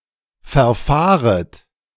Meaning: second-person plural subjunctive I of verfahren
- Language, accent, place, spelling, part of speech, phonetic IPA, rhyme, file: German, Germany, Berlin, verfahret, verb, [fɛɐ̯ˈfaːʁət], -aːʁət, De-verfahret.ogg